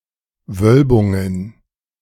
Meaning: plural of Wölbung
- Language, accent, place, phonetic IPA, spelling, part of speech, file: German, Germany, Berlin, [ˈvœlbʊŋən], Wölbungen, noun, De-Wölbungen.ogg